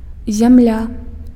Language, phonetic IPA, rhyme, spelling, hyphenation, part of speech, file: Belarusian, [zʲamˈlʲa], -a, зямля, зям‧ля, noun, Be-зямля.ogg
- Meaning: 1. land (as opposed to water) 2. soil (the upper layer of the crust of our planet) 3. ground (the surface, the plane on which we stand, on which we move) 4. country, land, state